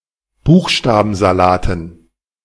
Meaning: dative plural of Buchstabensalat
- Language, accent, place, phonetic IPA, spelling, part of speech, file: German, Germany, Berlin, [ˈbuːxʃtaːbn̩zaˌlaːtn̩], Buchstabensalaten, noun, De-Buchstabensalaten.ogg